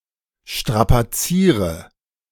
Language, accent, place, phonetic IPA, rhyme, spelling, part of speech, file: German, Germany, Berlin, [ˌʃtʁapaˈt͡siːʁə], -iːʁə, strapaziere, verb, De-strapaziere.ogg
- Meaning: inflection of strapazieren: 1. first-person singular present 2. first/third-person singular subjunctive I 3. singular imperative